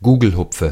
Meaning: nominative/accusative/genitive plural of Gugelhupf
- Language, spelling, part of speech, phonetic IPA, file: German, Gugelhupfe, noun, [ˈɡuːɡl̩hʊp͡fə], De-Gugelhupfe.ogg